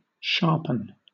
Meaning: 1. To make sharp 2. To become sharp
- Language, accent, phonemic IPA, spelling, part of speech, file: English, Southern England, /ˈʃɑːpən/, sharpen, verb, LL-Q1860 (eng)-sharpen.wav